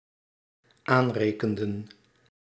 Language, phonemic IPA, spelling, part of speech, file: Dutch, /ˈanrekəndə(n)/, aanrekenden, verb, Nl-aanrekenden.ogg
- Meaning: inflection of aanrekenen: 1. plural dependent-clause past indicative 2. plural dependent-clause past subjunctive